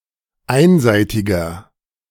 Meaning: inflection of einseitig: 1. strong/mixed nominative masculine singular 2. strong genitive/dative feminine singular 3. strong genitive plural
- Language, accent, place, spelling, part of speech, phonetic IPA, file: German, Germany, Berlin, einseitiger, adjective, [ˈaɪ̯nˌzaɪ̯tɪɡɐ], De-einseitiger.ogg